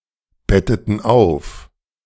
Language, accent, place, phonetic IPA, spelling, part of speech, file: German, Germany, Berlin, [ˌbɛtətə ˈaɪ̯n], bettete ein, verb, De-bettete ein.ogg
- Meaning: inflection of einbetten: 1. first/third-person singular preterite 2. first/third-person singular subjunctive II